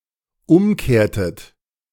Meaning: inflection of umkehren: 1. second-person plural dependent preterite 2. second-person plural dependent subjunctive II
- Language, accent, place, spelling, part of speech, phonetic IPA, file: German, Germany, Berlin, umkehrtet, verb, [ˈʊmˌkeːɐ̯tət], De-umkehrtet.ogg